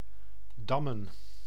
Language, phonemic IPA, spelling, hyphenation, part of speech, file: Dutch, /ˈdɑmə(n)/, dammen, dam‧men, verb / noun, Nl-dammen.ogg
- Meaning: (verb) to play checkers; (noun) checkers, draughts; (verb) to dam; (noun) plural of dam